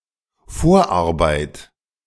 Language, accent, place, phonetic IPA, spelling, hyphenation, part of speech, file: German, Germany, Berlin, [ˈfoːɐ̯ʔaʁˌbaɪ̯t], Vorarbeit, Vor‧ar‧beit, noun, De-Vorarbeit.ogg
- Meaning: preparatory work